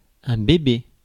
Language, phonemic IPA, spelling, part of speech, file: French, /be.be/, bébé, noun, Fr-bébé.ogg
- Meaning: baby